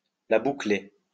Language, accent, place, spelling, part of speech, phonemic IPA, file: French, France, Lyon, la boucler, verb, /la bu.kle/, LL-Q150 (fra)-la boucler.wav
- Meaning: to shut up (refrain from speech)